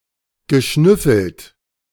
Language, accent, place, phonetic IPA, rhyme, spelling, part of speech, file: German, Germany, Berlin, [ɡəˈʃnʏfl̩t], -ʏfl̩t, geschnüffelt, verb, De-geschnüffelt.ogg
- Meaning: past participle of schnüffeln